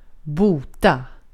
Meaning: to cure, heal; to restore to good health; to relieve from a disease
- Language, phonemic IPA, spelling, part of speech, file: Swedish, /ˈbuː.ta/, bota, verb, Sv-bota.ogg